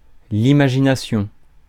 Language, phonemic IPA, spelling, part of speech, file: French, /i.ma.ʒi.na.sjɔ̃/, imagination, noun, Fr-imagination.ogg
- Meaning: imagination